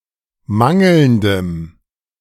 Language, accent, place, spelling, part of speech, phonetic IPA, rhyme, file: German, Germany, Berlin, mangelndem, adjective, [ˈmaŋl̩ndəm], -aŋl̩ndəm, De-mangelndem.ogg
- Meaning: strong dative masculine/neuter singular of mangelnd